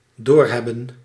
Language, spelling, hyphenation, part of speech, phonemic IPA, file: Dutch, doorhebben, door‧heb‧ben, verb, /ˈdoːrɦɛbə(n)/, Nl-doorhebben.ogg
- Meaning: to figure out, to see through